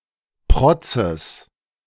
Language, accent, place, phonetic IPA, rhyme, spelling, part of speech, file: German, Germany, Berlin, [ˈpʁɔt͡səs], -ɔt͡səs, Protzes, noun, De-Protzes.ogg
- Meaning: genitive singular of Protz